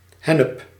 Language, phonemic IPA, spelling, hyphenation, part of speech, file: Dutch, /ˈɦɛ.nəp/, hennep, hen‧nep, noun, Nl-hennep.ogg
- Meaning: hemp